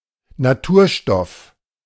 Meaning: natural product
- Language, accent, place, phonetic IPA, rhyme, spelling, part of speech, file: German, Germany, Berlin, [naˈtuːɐ̯ˌʃtɔf], -uːɐ̯ʃtɔf, Naturstoff, noun, De-Naturstoff.ogg